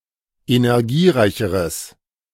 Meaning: strong/mixed nominative/accusative neuter singular comparative degree of energiereich
- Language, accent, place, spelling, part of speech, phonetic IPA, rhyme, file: German, Germany, Berlin, energiereicheres, adjective, [enɛʁˈɡiːˌʁaɪ̯çəʁəs], -iːʁaɪ̯çəʁəs, De-energiereicheres.ogg